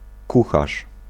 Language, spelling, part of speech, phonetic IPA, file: Polish, kucharz, noun / verb, [ˈkuxaʃ], Pl-kucharz.ogg